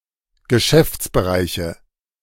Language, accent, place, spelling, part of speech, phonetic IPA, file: German, Germany, Berlin, Geschäftsbereiche, noun, [ɡəˈʃɛft͡sbəˌʁaɪ̯çə], De-Geschäftsbereiche.ogg
- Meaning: nominative/accusative/genitive plural of Geschäftsbereich